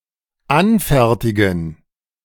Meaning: to manufacture, to make, to produce, to create, to craft; to draw up (a document)
- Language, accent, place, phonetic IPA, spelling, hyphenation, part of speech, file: German, Germany, Berlin, [ˈanˌfɛʁtɪɡən], anfertigen, an‧fer‧ti‧gen, verb, De-anfertigen.ogg